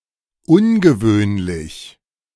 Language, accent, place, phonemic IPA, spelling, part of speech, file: German, Germany, Berlin, /ˈʊnɡəˌvøːnlɪç/, ungewöhnlich, adjective / adverb, De-ungewöhnlich.ogg
- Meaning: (adjective) uncommon, unusual, unordinary; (adverb) unusually